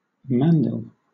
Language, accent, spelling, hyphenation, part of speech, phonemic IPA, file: English, Southern England, mandil, man‧dil, noun, /ˈmændɪl/, LL-Q1860 (eng)-mandil.wav
- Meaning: A turban; cloth used to make a turban